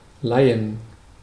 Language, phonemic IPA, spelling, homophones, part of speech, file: German, /ˈlaɪ̯ən/, leihen, Laien, verb, De-leihen.ogg
- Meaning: 1. to borrow 2. to lend, loan